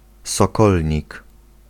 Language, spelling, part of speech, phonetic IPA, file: Polish, sokolnik, noun, [sɔˈkɔlʲɲik], Pl-sokolnik.ogg